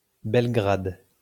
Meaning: Belgrade (the capital city of Serbia; the former capital of Yugoslavia)
- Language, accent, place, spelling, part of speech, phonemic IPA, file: French, France, Lyon, Belgrade, proper noun, /bɛl.ɡʁad/, LL-Q150 (fra)-Belgrade.wav